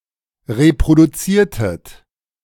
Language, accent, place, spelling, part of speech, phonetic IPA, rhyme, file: German, Germany, Berlin, reproduziertet, verb, [ʁepʁoduˈt͡siːɐ̯tət], -iːɐ̯tət, De-reproduziertet.ogg
- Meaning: inflection of reproduzieren: 1. second-person plural preterite 2. second-person plural subjunctive II